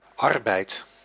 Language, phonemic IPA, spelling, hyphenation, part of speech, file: Dutch, /ˈɑrbɛi̯t/, arbeid, ar‧beid, noun, Nl-arbeid.ogg
- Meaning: 1. labour, work 2. work